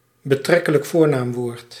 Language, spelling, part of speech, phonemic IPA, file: Dutch, betrekkelijk voornaamwoord, noun, /bəˌtrɛ.kə.lək ˈvoːr.naːm.ʋoːrt/, Nl-betrekkelijk voornaamwoord.ogg
- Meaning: relative pronoun